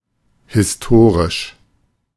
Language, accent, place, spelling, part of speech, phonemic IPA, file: German, Germany, Berlin, historisch, adjective / adverb, /hɪsˈtoːʁɪʃ/, De-historisch.ogg
- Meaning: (adjective) historical, historic; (adverb) historically